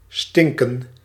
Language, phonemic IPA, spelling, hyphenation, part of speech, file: Dutch, /ˈstɪŋkə(n)/, stinken, stin‧ken, verb, Nl-stinken.ogg
- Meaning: to stink